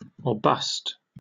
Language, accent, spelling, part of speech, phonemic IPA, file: English, Received Pronunciation, or bust, phrase, /ɔː ˈbʌst/, En-uk-or bust.oga
- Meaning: Used to indicate one's intention to do everything possible to achieve a goal, with failure being the only alternative